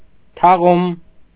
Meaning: 1. burial 2. funeral
- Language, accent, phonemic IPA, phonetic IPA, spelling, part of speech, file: Armenian, Eastern Armenian, /tʰɑˈʁum/, [tʰɑʁúm], թաղում, noun, Hy-թաղում.ogg